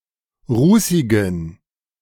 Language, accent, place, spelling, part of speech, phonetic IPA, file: German, Germany, Berlin, rußigen, adjective, [ˈʁuːsɪɡn̩], De-rußigen.ogg
- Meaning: inflection of rußig: 1. strong genitive masculine/neuter singular 2. weak/mixed genitive/dative all-gender singular 3. strong/weak/mixed accusative masculine singular 4. strong dative plural